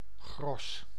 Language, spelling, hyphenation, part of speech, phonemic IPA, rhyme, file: Dutch, gros, gros, noun, /ɣrɔs/, -ɔs, Nl-gros.ogg
- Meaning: 1. a gross; a dozen dozens, 144 2. the bulk, largest part, largest proportion, majority 3. groschen, a former German coin